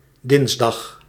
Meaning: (adjective) Tuesday; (adverb) synonym of 's dinsdags; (noun) genitive singular of dinsdag
- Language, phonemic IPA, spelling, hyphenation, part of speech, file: Dutch, /ˈdɪns.dɑxs/, dinsdags, dins‧dags, adjective / adverb / noun, Nl-dinsdags.ogg